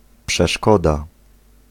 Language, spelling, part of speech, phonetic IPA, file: Polish, przeszkoda, noun, [pʃɛˈʃkɔda], Pl-przeszkoda.ogg